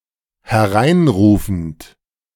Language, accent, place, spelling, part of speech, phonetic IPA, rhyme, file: German, Germany, Berlin, hereinrufend, verb, [hɛˈʁaɪ̯nˌʁuːfn̩t], -aɪ̯nʁuːfn̩t, De-hereinrufend.ogg
- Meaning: present participle of hereinrufen